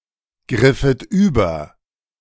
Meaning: second-person plural subjunctive II of übergreifen
- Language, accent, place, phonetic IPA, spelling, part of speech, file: German, Germany, Berlin, [ˌɡʁɪfət ˈyːbɐ], griffet über, verb, De-griffet über.ogg